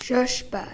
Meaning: a cherry (fruit)
- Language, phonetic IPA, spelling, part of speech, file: Swedish, [ˈɕœ̞ʂbæ(ː)r], körsbär, noun, Sv-körsbär.ogg